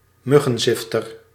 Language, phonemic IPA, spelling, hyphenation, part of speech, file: Dutch, /ˈmʏ.ɣə(n)ˌzɪf.tər/, muggenzifter, mug‧gen‧zif‧ter, noun, Nl-muggenzifter.ogg
- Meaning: nitpicker